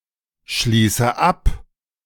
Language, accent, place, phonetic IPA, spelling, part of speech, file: German, Germany, Berlin, [ˌʃliːsə ˈap], schließe ab, verb, De-schließe ab.ogg
- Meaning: inflection of abschließen: 1. first-person singular present 2. first/third-person singular subjunctive I 3. singular imperative